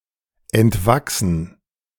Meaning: to grow out of
- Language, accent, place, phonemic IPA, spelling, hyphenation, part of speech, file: German, Germany, Berlin, /ɛntˈvaksn̩/, entwachsen, ent‧wach‧sen, verb, De-entwachsen.ogg